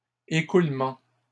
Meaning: plural of écroulement
- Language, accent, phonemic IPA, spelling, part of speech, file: French, Canada, /e.kʁul.mɑ̃/, écroulements, noun, LL-Q150 (fra)-écroulements.wav